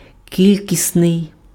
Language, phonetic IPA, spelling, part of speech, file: Ukrainian, [ˈkʲilʲkʲisnei̯], кількісний, adjective, Uk-кількісний.ogg
- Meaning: quantitative